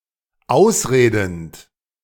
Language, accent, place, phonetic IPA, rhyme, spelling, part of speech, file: German, Germany, Berlin, [ˈaʊ̯sˌʁeːdn̩t], -aʊ̯sʁeːdn̩t, ausredend, verb, De-ausredend.ogg
- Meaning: present participle of ausreden